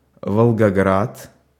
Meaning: Volgograd (an oblast in southwestern Russia)
- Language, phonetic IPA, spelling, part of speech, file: Russian, [vəɫɡɐˈɡrat], Волгоград, proper noun, Ru-Волгоград.ogg